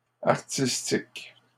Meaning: plural of artistique
- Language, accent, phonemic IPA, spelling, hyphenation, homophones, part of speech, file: French, Canada, /aʁ.tis.tik/, artistiques, ar‧tis‧tiques, artistique, adjective, LL-Q150 (fra)-artistiques.wav